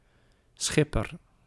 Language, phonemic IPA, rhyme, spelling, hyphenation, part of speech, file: Dutch, /ˈsxɪ.pər/, -ɪpər, schipper, schip‧per, noun, Nl-schipper.ogg
- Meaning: 1. skipper, captain (master of a ship) 2. any member of a ship's crew 3. anyone travelling on a ship